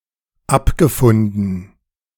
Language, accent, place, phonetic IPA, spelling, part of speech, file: German, Germany, Berlin, [ˈapɡəˌfʊndn̩], abgefunden, verb, De-abgefunden.ogg
- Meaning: past participle of abfinden